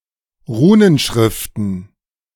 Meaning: plural of Runenschrift
- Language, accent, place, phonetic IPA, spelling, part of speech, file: German, Germany, Berlin, [ˈʁuːnənˌʃʁɪftn̩], Runenschriften, noun, De-Runenschriften.ogg